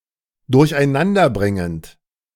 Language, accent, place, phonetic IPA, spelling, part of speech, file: German, Germany, Berlin, [dʊʁçʔaɪ̯ˈnandɐˌbʁɪŋənt], durcheinanderbringend, verb, De-durcheinanderbringend.ogg
- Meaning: present participle of durcheinanderbringen